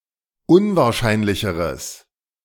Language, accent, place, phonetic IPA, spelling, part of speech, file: German, Germany, Berlin, [ˈʊnvaːɐ̯ˌʃaɪ̯nlɪçəʁəs], unwahrscheinlicheres, adjective, De-unwahrscheinlicheres.ogg
- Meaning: strong/mixed nominative/accusative neuter singular comparative degree of unwahrscheinlich